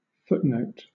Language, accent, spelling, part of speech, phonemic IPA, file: English, Southern England, footnote, noun / verb, /ˈfʊtˌnəʊt/, LL-Q1860 (eng)-footnote.wav
- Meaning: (noun) A short piece of text, often numbered, placed at the bottom of a printed page, that adds a comment, citation, reference etc, to a designated part of the main text